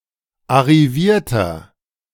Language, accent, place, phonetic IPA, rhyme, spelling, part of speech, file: German, Germany, Berlin, [aʁiˈviːɐ̯tɐ], -iːɐ̯tɐ, arrivierter, adjective, De-arrivierter.ogg
- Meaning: inflection of arriviert: 1. strong/mixed nominative masculine singular 2. strong genitive/dative feminine singular 3. strong genitive plural